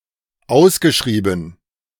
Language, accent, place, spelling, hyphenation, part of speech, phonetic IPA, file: German, Germany, Berlin, ausgeschrieben, aus‧ge‧schrie‧ben, verb, [ˈaʊ̯sɡəˌʃʁiːbn̩], De-ausgeschrieben.ogg
- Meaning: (verb) past participle of ausschreiben; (adjective) written out; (adverb) advertised for sale